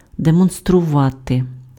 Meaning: to demonstrate
- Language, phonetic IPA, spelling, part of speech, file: Ukrainian, [demɔnstrʊˈʋate], демонструвати, verb, Uk-демонструвати.ogg